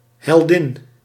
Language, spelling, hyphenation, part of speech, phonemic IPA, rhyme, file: Dutch, heldin, hel‧din, noun, /ɦɛlˈdɪn/, -ɪn, Nl-heldin.ogg
- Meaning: heroine